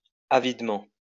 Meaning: avidly
- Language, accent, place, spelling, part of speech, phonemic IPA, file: French, France, Lyon, avidement, adverb, /a.vid.mɑ̃/, LL-Q150 (fra)-avidement.wav